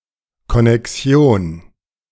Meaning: connection
- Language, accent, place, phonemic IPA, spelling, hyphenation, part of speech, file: German, Germany, Berlin, /kɔnɛkˈsi̯oːn/, Konnexion, Kon‧ne‧xi‧on, noun, De-Konnexion.ogg